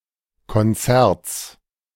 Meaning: genitive singular of Konzert
- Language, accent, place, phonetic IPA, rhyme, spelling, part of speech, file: German, Germany, Berlin, [kɔnˈt͡sɛʁt͡s], -ɛʁt͡s, Konzerts, noun, De-Konzerts.ogg